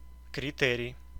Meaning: criterion, guideline
- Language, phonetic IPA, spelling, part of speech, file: Russian, [krʲɪˈtɛrʲɪj], критерий, noun, Ru-критерий.ogg